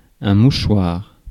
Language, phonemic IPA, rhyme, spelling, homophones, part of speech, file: French, /mu.ʃwaʁ/, -waʁ, mouchoir, mouchoirs, noun, Fr-mouchoir.ogg
- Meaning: handkerchief